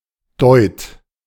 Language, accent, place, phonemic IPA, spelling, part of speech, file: German, Germany, Berlin, /dɔʏ̯t/, Deut, noun, De-Deut.ogg
- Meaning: 1. doit (small Dutch coin of minor value) 2. a bit, a little